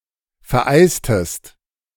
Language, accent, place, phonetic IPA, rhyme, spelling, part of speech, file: German, Germany, Berlin, [fɛɐ̯ˈʔaɪ̯stəst], -aɪ̯stəst, vereistest, verb, De-vereistest.ogg
- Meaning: inflection of vereisen: 1. second-person singular preterite 2. second-person singular subjunctive II